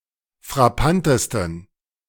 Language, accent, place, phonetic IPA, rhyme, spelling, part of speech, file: German, Germany, Berlin, [fʁaˈpantəstn̩], -antəstn̩, frappantesten, adjective, De-frappantesten.ogg
- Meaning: 1. superlative degree of frappant 2. inflection of frappant: strong genitive masculine/neuter singular superlative degree